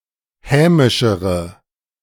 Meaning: inflection of hämisch: 1. strong/mixed nominative/accusative feminine singular comparative degree 2. strong nominative/accusative plural comparative degree
- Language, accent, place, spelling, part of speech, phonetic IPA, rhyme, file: German, Germany, Berlin, hämischere, adjective, [ˈhɛːmɪʃəʁə], -ɛːmɪʃəʁə, De-hämischere.ogg